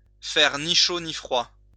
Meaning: to leave indifferent, not to affect emotionally one way or another
- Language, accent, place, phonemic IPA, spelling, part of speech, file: French, France, Lyon, /nə fɛʁ ni ʃo ni fʁwa/, ne faire ni chaud ni froid, verb, LL-Q150 (fra)-ne faire ni chaud ni froid.wav